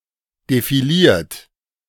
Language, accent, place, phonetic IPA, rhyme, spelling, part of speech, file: German, Germany, Berlin, [defiˈliːɐ̯t], -iːɐ̯t, defiliert, verb, De-defiliert.ogg
- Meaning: 1. past participle of defilieren 2. inflection of defilieren: third-person singular present 3. inflection of defilieren: second-person plural present 4. inflection of defilieren: plural imperative